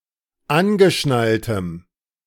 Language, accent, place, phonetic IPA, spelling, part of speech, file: German, Germany, Berlin, [ˈanɡəˌʃnaltəm], angeschnalltem, adjective, De-angeschnalltem.ogg
- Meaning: strong dative masculine/neuter singular of angeschnallt